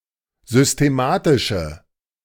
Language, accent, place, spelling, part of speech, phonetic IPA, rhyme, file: German, Germany, Berlin, systematische, adjective, [zʏsteˈmaːtɪʃə], -aːtɪʃə, De-systematische.ogg
- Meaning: inflection of systematisch: 1. strong/mixed nominative/accusative feminine singular 2. strong nominative/accusative plural 3. weak nominative all-gender singular